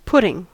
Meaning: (verb) present participle and gerund of put; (noun) 1. Instigation or incitement; enticement 2. The action or result of the verb put
- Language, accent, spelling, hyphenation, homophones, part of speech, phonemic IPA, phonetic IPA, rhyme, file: English, US, putting, put‧ting, pudding, verb / noun, /ˈpʊtɪŋ/, [ˈpʰʊɾɪŋ], -ʊtɪŋ, En-us-putting.ogg